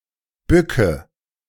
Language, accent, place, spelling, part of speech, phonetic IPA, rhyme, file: German, Germany, Berlin, bücke, verb, [ˈbʏkə], -ʏkə, De-bücke.ogg
- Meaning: inflection of bücken: 1. first-person singular present 2. first/third-person singular subjunctive I 3. singular imperative